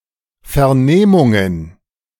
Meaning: plural of Vernehmung
- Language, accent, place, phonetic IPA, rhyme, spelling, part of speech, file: German, Germany, Berlin, [fɛɐ̯ˈneːmʊŋən], -eːmʊŋən, Vernehmungen, noun, De-Vernehmungen.ogg